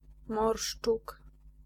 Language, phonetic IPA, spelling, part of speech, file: Polish, [ˈmɔrʃt͡ʃuk], morszczuk, noun, Pl-morszczuk.ogg